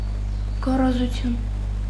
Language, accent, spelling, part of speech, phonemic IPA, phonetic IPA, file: Armenian, Eastern Armenian, գոռոզություն, noun, /ɡorozuˈtʰjun/, [ɡorozut͡sʰjún], Hy-գոռոզություն.ogg
- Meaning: arrogance, haughtiness